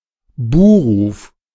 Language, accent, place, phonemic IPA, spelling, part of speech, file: German, Germany, Berlin, /ˈbuːˌʁuːf/, Buhruf, noun, De-Buhruf.ogg
- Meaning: boo